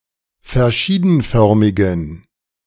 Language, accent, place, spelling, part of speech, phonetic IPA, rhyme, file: German, Germany, Berlin, verschiedenförmigen, adjective, [fɛɐ̯ˈʃiːdn̩ˌfœʁmɪɡn̩], -iːdn̩fœʁmɪɡn̩, De-verschiedenförmigen.ogg
- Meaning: inflection of verschiedenförmig: 1. strong genitive masculine/neuter singular 2. weak/mixed genitive/dative all-gender singular 3. strong/weak/mixed accusative masculine singular